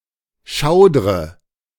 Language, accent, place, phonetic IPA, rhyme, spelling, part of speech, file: German, Germany, Berlin, [ˈʃaʊ̯dʁə], -aʊ̯dʁə, schaudre, verb, De-schaudre.ogg
- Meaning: inflection of schaudern: 1. first-person singular present 2. first/third-person singular subjunctive I 3. singular imperative